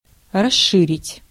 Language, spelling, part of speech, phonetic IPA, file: Russian, расширить, verb, [rɐˈʂːɨrʲɪtʲ], Ru-расширить.ogg
- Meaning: 1. to widen, to broaden 2. to increase 3. to broaden, to enlarge, to extend, to expand